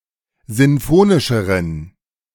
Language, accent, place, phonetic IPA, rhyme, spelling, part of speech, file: German, Germany, Berlin, [ˌzɪnˈfoːnɪʃəʁən], -oːnɪʃəʁən, sinfonischeren, adjective, De-sinfonischeren.ogg
- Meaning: inflection of sinfonisch: 1. strong genitive masculine/neuter singular comparative degree 2. weak/mixed genitive/dative all-gender singular comparative degree